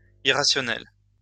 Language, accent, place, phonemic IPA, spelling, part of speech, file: French, France, Lyon, /i.ʁa.sjɔ.nɛl/, irrationnelle, adjective, LL-Q150 (fra)-irrationnelle.wav
- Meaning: feminine singular of irrationnel